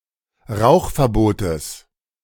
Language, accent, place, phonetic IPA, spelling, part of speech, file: German, Germany, Berlin, [ˈʁaʊ̯xfɛɐ̯ˌboːtəs], Rauchverbotes, noun, De-Rauchverbotes.ogg
- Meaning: genitive singular of Rauchverbot